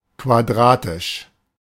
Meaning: quadratic, square
- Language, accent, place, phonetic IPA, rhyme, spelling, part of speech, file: German, Germany, Berlin, [kvaˈdʁaːtɪʃ], -aːtɪʃ, quadratisch, adjective, De-quadratisch.ogg